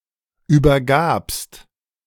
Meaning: second-person singular preterite of übergeben
- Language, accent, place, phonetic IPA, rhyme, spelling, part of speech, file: German, Germany, Berlin, [ˌyːbɐˈɡaːpst], -aːpst, übergabst, verb, De-übergabst.ogg